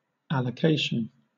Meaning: 1. The process or procedure for allocating things, especially money or other resources 2. That which is allocated; allowance, entitlement
- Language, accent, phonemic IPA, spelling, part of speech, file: English, Southern England, /ˌæl.əˈkeɪ.ʃən/, allocation, noun, LL-Q1860 (eng)-allocation.wav